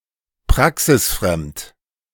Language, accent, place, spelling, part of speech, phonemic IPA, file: German, Germany, Berlin, praxisfremd, adjective, /ˈpʁaksɪsˌfʁɛmt/, De-praxisfremd.ogg
- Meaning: theoretical (rather than practical)